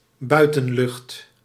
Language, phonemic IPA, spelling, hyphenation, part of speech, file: Dutch, /ˈbœy̯.tə(n)ˌlʏxt/, buitenlucht, bui‧ten‧lucht, noun, Nl-buitenlucht.ogg
- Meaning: 1. the air outside 2. the outdoors